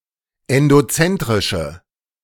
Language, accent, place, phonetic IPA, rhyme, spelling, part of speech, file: German, Germany, Berlin, [ɛndoˈt͡sɛntʁɪʃə], -ɛntʁɪʃə, endozentrische, adjective, De-endozentrische.ogg
- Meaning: inflection of endozentrisch: 1. strong/mixed nominative/accusative feminine singular 2. strong nominative/accusative plural 3. weak nominative all-gender singular